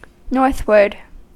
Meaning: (noun) The direction or area lying to the north of a place; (adjective) Situated or directed towards the north; moving or facing towards the north; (adverb) Towards the north; in a northerly direction
- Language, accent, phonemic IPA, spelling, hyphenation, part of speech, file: English, US, /ˈnɔɹθwɚd/, northward, north‧ward, noun / adjective / adverb, En-us-northward.ogg